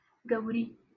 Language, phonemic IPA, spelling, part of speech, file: Northern Kurdish, /ɡɛwˈɾiː/, gewrî, noun, LL-Q36368 (kur)-gewrî.wav
- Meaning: pharynx, larynx, throat